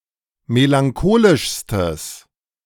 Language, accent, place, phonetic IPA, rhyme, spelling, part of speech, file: German, Germany, Berlin, [melaŋˈkoːlɪʃstəs], -oːlɪʃstəs, melancholischstes, adjective, De-melancholischstes.ogg
- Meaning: strong/mixed nominative/accusative neuter singular superlative degree of melancholisch